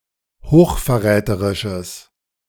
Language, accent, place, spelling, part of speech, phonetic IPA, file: German, Germany, Berlin, hochverräterisches, adjective, [hoːxfɛɐ̯ˈʁɛːtəʁɪʃəs], De-hochverräterisches.ogg
- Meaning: strong/mixed nominative/accusative neuter singular of hochverräterisch